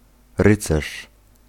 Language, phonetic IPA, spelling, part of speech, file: Polish, [ˈrɨt͡sɛʃ], rycerz, noun, Pl-rycerz.ogg